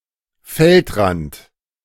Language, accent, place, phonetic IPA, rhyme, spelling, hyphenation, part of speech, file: German, Germany, Berlin, [ˈfɛltˌʁant], -ant, Feldrand, Feld‧rand, noun, De-Feldrand.ogg
- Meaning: balk (unplowed strip of land)